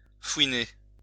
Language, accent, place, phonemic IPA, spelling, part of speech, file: French, France, Lyon, /fwi.ne/, fouiner, verb, LL-Q150 (fra)-fouiner.wav
- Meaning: to furrow, ferret, snoop around